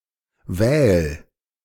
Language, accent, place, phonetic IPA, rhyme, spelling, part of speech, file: German, Germany, Berlin, [vɛːl], -ɛːl, wähl, verb, De-wähl.ogg
- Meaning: singular imperative of wählen